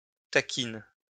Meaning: tachina
- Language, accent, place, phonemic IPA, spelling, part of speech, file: French, France, Lyon, /ta.kin/, tachine, noun, LL-Q150 (fra)-tachine.wav